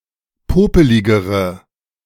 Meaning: inflection of popelig: 1. strong/mixed nominative/accusative feminine singular comparative degree 2. strong nominative/accusative plural comparative degree
- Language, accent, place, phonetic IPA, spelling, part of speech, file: German, Germany, Berlin, [ˈpoːpəlɪɡəʁə], popeligere, adjective, De-popeligere.ogg